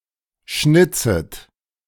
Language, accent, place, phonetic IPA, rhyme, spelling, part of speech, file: German, Germany, Berlin, [ˈʃnɪt͡sət], -ɪt͡sət, schnitzet, verb, De-schnitzet.ogg
- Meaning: second-person plural subjunctive I of schnitzen